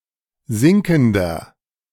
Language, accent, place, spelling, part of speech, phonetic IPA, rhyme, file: German, Germany, Berlin, sinkender, adjective, [ˈzɪŋkn̩dɐ], -ɪŋkn̩dɐ, De-sinkender.ogg
- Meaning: inflection of sinkend: 1. strong/mixed nominative masculine singular 2. strong genitive/dative feminine singular 3. strong genitive plural